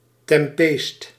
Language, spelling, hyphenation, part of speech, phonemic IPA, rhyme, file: Dutch, tempeest, tem‧peest, noun, /tɛmˈpeːst/, -eːst, Nl-tempeest.ogg
- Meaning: 1. tempest, storm 2. hard time, dire straits